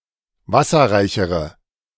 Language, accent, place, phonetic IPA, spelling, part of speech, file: German, Germany, Berlin, [ˈvasɐʁaɪ̯çəʁə], wasserreichere, adjective, De-wasserreichere.ogg
- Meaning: inflection of wasserreich: 1. strong/mixed nominative/accusative feminine singular comparative degree 2. strong nominative/accusative plural comparative degree